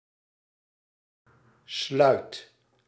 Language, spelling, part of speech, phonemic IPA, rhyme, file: Dutch, sluit, verb, /slœy̯t/, -œy̯t, Nl-sluit.ogg
- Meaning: inflection of sluiten: 1. first/second/third-person singular present indicative 2. imperative